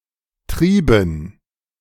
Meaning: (proper noun) a municipality of Styria, Austria; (noun) dative plural of Trieb
- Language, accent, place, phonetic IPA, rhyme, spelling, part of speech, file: German, Germany, Berlin, [ˈtʁiːbn̩], -iːbn̩, Trieben, noun, De-Trieben.ogg